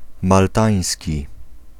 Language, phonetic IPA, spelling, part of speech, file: Polish, [malˈtãj̃sʲci], maltański, adjective / noun, Pl-maltański.ogg